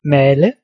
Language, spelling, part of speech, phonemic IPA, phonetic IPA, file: Danish, male, verb, /ˈmaːlə/, [ˈmɛːlə], Da-male.ogg
- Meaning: 1. to paint 2. to grind, mill